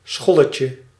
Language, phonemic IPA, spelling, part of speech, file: Dutch, /ˈsxɔləcə/, scholletje, noun, Nl-scholletje.ogg
- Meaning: diminutive of schol